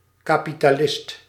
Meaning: capitalist
- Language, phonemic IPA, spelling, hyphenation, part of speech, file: Dutch, /ˌkaː.pi.taːˈlɪst/, kapitalist, ka‧pi‧ta‧list, noun, Nl-kapitalist.ogg